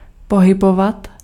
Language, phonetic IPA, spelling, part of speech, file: Czech, [ˈpoɦɪbovat], pohybovat, verb, Cs-pohybovat.ogg
- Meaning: to move